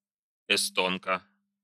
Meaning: female equivalent of эсто́нец (estónec): Estonian woman or girl
- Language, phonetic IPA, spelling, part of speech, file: Russian, [ɪˈstonkə], эстонка, noun, Ru-эстонка.ogg